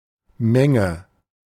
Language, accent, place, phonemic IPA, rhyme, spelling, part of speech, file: German, Germany, Berlin, /ˈmɛŋə/, -ɛŋə, Menge, noun, De-Menge.ogg
- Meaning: 1. quantity 2. multitude 3. crowd, gathering of people 4. set